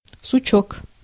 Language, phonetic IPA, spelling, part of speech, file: Russian, [sʊˈt͡ɕɵk], сучок, noun, Ru-сучок.ogg
- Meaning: 1. small bough, small branch, diminutive of сук (suk) 2. knot (whorl in wood left by a branch) 3. trashy person